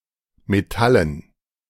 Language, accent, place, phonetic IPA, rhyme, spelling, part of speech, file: German, Germany, Berlin, [meˈtalən], -alən, Metallen, noun, De-Metallen.ogg
- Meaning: dative plural of Metall